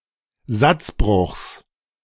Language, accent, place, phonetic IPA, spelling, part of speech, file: German, Germany, Berlin, [ˈzat͡sbʁʊxs], Satzbruchs, noun, De-Satzbruchs.ogg
- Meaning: genitive of Satzbruch